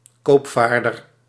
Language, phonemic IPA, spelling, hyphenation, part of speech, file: Dutch, /ˈkoːpˌfaːr.dər/, koopvaarder, koop‧vaar‧der, noun, Nl-koopvaarder.ogg
- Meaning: 1. merchant, trader 2. merchant vessel